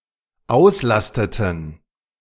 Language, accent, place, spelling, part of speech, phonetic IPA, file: German, Germany, Berlin, auslasteten, verb, [ˈaʊ̯sˌlastətn̩], De-auslasteten.ogg
- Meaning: inflection of auslasten: 1. first/third-person plural dependent preterite 2. first/third-person plural dependent subjunctive II